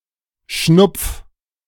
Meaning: 1. singular imperative of schnupfen 2. first-person singular present of schnupfen
- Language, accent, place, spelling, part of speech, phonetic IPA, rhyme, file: German, Germany, Berlin, schnupf, verb, [ʃnʊp͡f], -ʊp͡f, De-schnupf.ogg